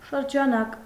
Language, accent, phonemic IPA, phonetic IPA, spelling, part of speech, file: Armenian, Eastern Armenian, /ʃəɾd͡ʒɑˈnɑk/, [ʃəɾd͡ʒɑnɑ́k], շրջանակ, noun, Hy-շրջանակ.ogg
- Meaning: 1. frame 2. frame, framework, scope